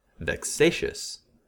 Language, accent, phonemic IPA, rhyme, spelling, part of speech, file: English, US, /vɛkˈseɪʃəs/, -eɪʃəs, vexatious, adjective, En-us-vexatious.ogg
- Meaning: 1. Causing vexation or annoyance; teasing; troublesome 2. Full of trouble or disquiet 3. Commenced for the purpose of giving trouble, without due cause